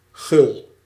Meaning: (adjective) 1. generous, unselfish 2. unsparing, plentiful 3. hearty, cordial; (noun) young cod
- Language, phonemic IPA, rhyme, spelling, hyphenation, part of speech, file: Dutch, /ɣʏl/, -ʏl, gul, gul, adjective / noun, Nl-gul.ogg